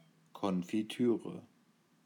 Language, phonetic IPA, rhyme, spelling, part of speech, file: German, [ˌkɔnfiˈtyːʁə], -yːʁə, Konfitüre, noun, De-Konfitüre.ogg
- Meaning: jam, confiture